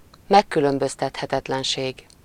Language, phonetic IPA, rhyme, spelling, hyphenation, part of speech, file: Hungarian, [ˈmɛkːylømbøstɛthɛtɛtlɛnʃeːɡ], -eːɡ, megkülönböztethetetlenség, meg‧kü‧lön‧böz‧tet‧he‧tet‧len‧ség, noun, Hu-megkülönböztethetetlenség.ogg
- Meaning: indistinguishability